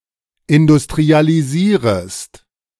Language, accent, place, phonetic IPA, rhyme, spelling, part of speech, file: German, Germany, Berlin, [ɪndʊstʁialiˈziːʁəst], -iːʁəst, industrialisierest, verb, De-industrialisierest.ogg
- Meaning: second-person singular subjunctive I of industrialisieren